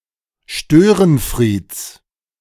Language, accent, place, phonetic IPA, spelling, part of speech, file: German, Germany, Berlin, [ˈʃtøːʁənˌfʁiːt͡s], Störenfrieds, noun, De-Störenfrieds.ogg
- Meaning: genitive singular of Störenfried